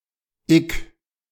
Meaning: Forms abstract nouns, typically of Latin/Greek stems as the counterpart to adjectives in -isch.: 1. Forms nouns referring to fields of study 2. Forms nouns referring to schools of thought or movements
- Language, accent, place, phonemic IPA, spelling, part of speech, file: German, Germany, Berlin, /-ɪk/, -ik, suffix, De--ik.ogg